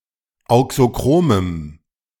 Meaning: strong dative masculine/neuter singular of auxochrom
- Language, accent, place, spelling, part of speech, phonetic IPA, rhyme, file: German, Germany, Berlin, auxochromem, adjective, [ˌaʊ̯ksoˈkʁoːməm], -oːməm, De-auxochromem.ogg